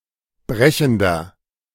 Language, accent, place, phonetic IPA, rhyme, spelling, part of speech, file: German, Germany, Berlin, [ˈbʁɛçn̩dɐ], -ɛçn̩dɐ, brechender, adjective, De-brechender.ogg
- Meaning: inflection of brechend: 1. strong/mixed nominative masculine singular 2. strong genitive/dative feminine singular 3. strong genitive plural